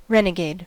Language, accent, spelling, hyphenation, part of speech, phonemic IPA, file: English, US, renegade, re‧ne‧gade, noun / verb / adjective, /ˈɹɛ.nɪˌɡeɪd/, En-us-renegade.ogg
- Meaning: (noun) 1. An outlaw or rebel 2. A disloyal person who betrays or deserts a cause, religion, political party, friend, etc; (verb) To desert one's cause, or change one's loyalties; to commit betrayal